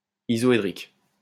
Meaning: isohedral
- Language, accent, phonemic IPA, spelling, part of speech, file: French, France, /i.zɔ.e.dʁik/, isoédrique, adjective, LL-Q150 (fra)-isoédrique.wav